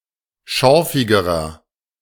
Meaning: inflection of schorfig: 1. strong/mixed nominative masculine singular comparative degree 2. strong genitive/dative feminine singular comparative degree 3. strong genitive plural comparative degree
- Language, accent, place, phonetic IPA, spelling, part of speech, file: German, Germany, Berlin, [ˈʃɔʁfɪɡəʁɐ], schorfigerer, adjective, De-schorfigerer.ogg